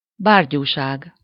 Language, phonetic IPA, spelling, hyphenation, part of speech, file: Hungarian, [ˈbaːrɟuːʃaːɡ], bárgyúság, bár‧gyú‧ság, noun, Hu-bárgyúság.ogg
- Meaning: idiocy, inanity, obtuseness